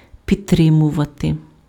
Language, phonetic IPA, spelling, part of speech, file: Ukrainian, [pʲidˈtrɪmʊʋɐte], підтримувати, verb, Uk-підтримувати.ogg
- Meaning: 1. to provide on-going support, to back 2. to sustain, to maintain, to keep up 3. to provide physical support, to hold up, to prop up, to underpin